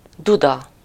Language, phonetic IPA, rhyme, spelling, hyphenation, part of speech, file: Hungarian, [ˈdudɒ], -dɒ, duda, du‧da, noun, Hu-duda.ogg
- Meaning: 1. horn (sound-making apparatus) 2. bagpipe 3. hooter (a woman's breast)